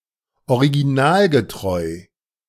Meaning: faithful, true to original
- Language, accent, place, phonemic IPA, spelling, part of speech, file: German, Germany, Berlin, /oʁiɡiˈnaːlɡətʁɔɪ̯/, originalgetreu, adjective, De-originalgetreu.ogg